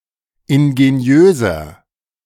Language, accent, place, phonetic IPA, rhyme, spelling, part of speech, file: German, Germany, Berlin, [ɪnɡeˈni̯øːzɐ], -øːzɐ, ingeniöser, adjective, De-ingeniöser.ogg
- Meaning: 1. comparative degree of ingeniös 2. inflection of ingeniös: strong/mixed nominative masculine singular 3. inflection of ingeniös: strong genitive/dative feminine singular